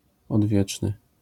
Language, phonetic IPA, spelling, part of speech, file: Polish, [ɔdˈvʲjɛt͡ʃnɨ], odwieczny, adjective, LL-Q809 (pol)-odwieczny.wav